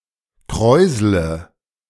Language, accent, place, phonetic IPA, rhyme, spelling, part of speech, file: German, Germany, Berlin, [ˈkʁɔɪ̯zlə], -ɔɪ̯zlə, kräusle, verb, De-kräusle.ogg
- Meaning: inflection of kräuseln: 1. first-person singular present 2. first/third-person singular subjunctive I 3. singular imperative